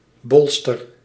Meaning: a bur, a spiny cupule, often of a chestnut
- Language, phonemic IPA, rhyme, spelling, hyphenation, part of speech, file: Dutch, /ˈbɔl.stər/, -ɔlstər, bolster, bol‧ster, noun, Nl-bolster.ogg